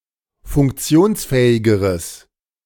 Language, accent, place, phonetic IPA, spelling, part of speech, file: German, Germany, Berlin, [fʊŋkˈt͡si̯oːnsˌfɛːɪɡəʁəs], funktionsfähigeres, adjective, De-funktionsfähigeres.ogg
- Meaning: strong/mixed nominative/accusative neuter singular comparative degree of funktionsfähig